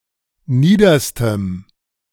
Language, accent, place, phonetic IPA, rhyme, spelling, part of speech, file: German, Germany, Berlin, [ˈniːdɐstəm], -iːdɐstəm, niederstem, adjective, De-niederstem.ogg
- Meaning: strong dative masculine/neuter singular superlative degree of nieder